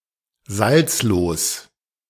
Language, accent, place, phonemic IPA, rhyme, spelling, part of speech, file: German, Germany, Berlin, /ˈzalt͡sloːs/, -oːs, salzlos, adjective, De-salzlos.ogg
- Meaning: saltless, saltfree